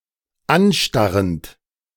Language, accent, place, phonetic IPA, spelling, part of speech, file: German, Germany, Berlin, [ˈanˌʃtaʁənt], anstarrend, verb, De-anstarrend.ogg
- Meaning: present participle of anstarren